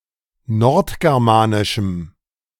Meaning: strong dative masculine/neuter singular of nordgermanisch
- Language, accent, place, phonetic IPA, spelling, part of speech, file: German, Germany, Berlin, [ˈnɔʁtɡɛʁˌmaːnɪʃm̩], nordgermanischem, adjective, De-nordgermanischem.ogg